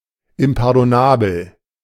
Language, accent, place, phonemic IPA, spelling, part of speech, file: German, Germany, Berlin, /ɪmpaʁdɔˈnaːbl̩/, impardonnabel, adjective, De-impardonnabel.ogg
- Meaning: unpardonable